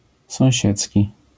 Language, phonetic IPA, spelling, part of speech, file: Polish, [sɔ̃w̃ˈɕɛt͡sʲci], sąsiedzki, adjective, LL-Q809 (pol)-sąsiedzki.wav